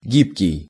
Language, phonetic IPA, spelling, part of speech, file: Russian, [ˈɡʲipkʲɪj], гибкий, adjective, Ru-гибкий.ogg
- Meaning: 1. flexible, pliable, agile 2. adaptable